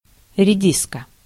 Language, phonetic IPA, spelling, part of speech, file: Russian, [rʲɪˈdʲiskə], редиска, noun, Ru-редиска.ogg
- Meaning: 1. radish (plant or vegetable) 2. turd, asshole, twit